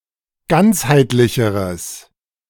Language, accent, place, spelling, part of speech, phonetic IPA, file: German, Germany, Berlin, ganzheitlicheres, adjective, [ˈɡant͡shaɪ̯tlɪçəʁəs], De-ganzheitlicheres.ogg
- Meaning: strong/mixed nominative/accusative neuter singular comparative degree of ganzheitlich